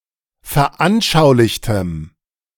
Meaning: strong dative masculine/neuter singular of veranschaulicht
- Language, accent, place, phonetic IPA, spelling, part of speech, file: German, Germany, Berlin, [fɛɐ̯ˈʔanʃaʊ̯lɪçtəm], veranschaulichtem, adjective, De-veranschaulichtem.ogg